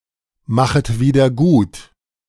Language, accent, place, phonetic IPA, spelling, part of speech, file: German, Germany, Berlin, [ˌmaxət ˌviːdɐ ˈɡuːt], machet wieder gut, verb, De-machet wieder gut.ogg
- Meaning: second-person plural subjunctive I of wiedergutmachen